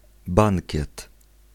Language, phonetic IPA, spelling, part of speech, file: Polish, [ˈbãŋcɛt], bankiet, noun, Pl-bankiet.ogg